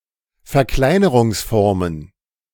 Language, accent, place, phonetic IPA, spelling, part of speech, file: German, Germany, Berlin, [fɛɐ̯ˈklaɪ̯nəʁʊŋsˌfɔʁmən], Verkleinerungsformen, noun, De-Verkleinerungsformen.ogg
- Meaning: plural of Verkleinerungsform